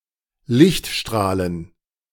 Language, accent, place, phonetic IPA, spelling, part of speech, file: German, Germany, Berlin, [ˈlɪçtˌʃtʁaːlən], Lichtstrahlen, noun, De-Lichtstrahlen.ogg
- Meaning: plural of Lichtstrahl